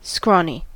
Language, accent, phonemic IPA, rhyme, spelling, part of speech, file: English, US, /ˈskɹɔni/, -ɔːni, scrawny, adjective, En-us-scrawny.ogg
- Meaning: Thin, malnourished, and weak